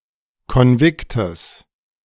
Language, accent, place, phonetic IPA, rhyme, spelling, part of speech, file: German, Germany, Berlin, [kɔnˈvɪktəs], -ɪktəs, Konviktes, noun, De-Konviktes.ogg
- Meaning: genitive singular of Konvikt